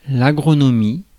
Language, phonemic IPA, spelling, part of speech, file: French, /a.ɡʁɔ.nɔ.mi/, agronomie, noun, Fr-agronomie.ogg
- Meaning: agronomy